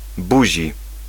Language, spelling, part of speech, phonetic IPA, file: Polish, buzi, noun, [ˈbuʑi], Pl-buzi.ogg